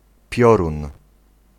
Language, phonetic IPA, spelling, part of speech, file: Polish, [ˈpʲjɔrũn], piorun, noun, Pl-piorun.ogg